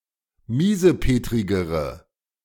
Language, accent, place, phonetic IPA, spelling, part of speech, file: German, Germany, Berlin, [ˈmiːzəˌpeːtʁɪɡəʁə], miesepetrigere, adjective, De-miesepetrigere.ogg
- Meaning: inflection of miesepetrig: 1. strong/mixed nominative/accusative feminine singular comparative degree 2. strong nominative/accusative plural comparative degree